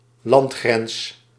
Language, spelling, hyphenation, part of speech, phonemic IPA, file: Dutch, landgrens, land‧grens, noun, /ˈlɑnt.xrɛns/, Nl-landgrens.ogg
- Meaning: 1. a terrestrial border, a border on land 2. alternative form of landsgrens